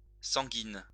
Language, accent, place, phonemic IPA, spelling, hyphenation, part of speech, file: French, France, Lyon, /sɑ̃.ɡin/, sanguine, san‧guine, noun / adjective, LL-Q150 (fra)-sanguine.wav
- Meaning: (noun) a tincture, seldom used, of a blood-red colour (not to be confused with murrey, which is mûre in French); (adjective) feminine singular of sanguin